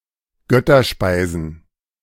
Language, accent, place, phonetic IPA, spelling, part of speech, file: German, Germany, Berlin, [ˈɡœtɐˌʃpaɪ̯zn̩], Götterspeisen, noun, De-Götterspeisen.ogg
- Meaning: plural of Götterspeise